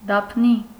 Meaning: laurel
- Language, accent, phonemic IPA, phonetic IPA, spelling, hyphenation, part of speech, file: Armenian, Eastern Armenian, /dɑpʰˈni/, [dɑpʰní], դափնի, դափ‧նի, noun, Hy-դափնի.ogg